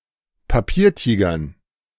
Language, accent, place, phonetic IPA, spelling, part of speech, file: German, Germany, Berlin, [paˈpiːɐ̯ˌtiːɡɐn], Papiertigern, noun, De-Papiertigern.ogg
- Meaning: dative plural of Papiertiger